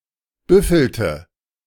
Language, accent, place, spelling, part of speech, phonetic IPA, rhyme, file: German, Germany, Berlin, büffelte, verb, [ˈbʏfl̩tə], -ʏfl̩tə, De-büffelte.ogg
- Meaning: inflection of büffeln: 1. first/third-person singular preterite 2. first/third-person singular subjunctive II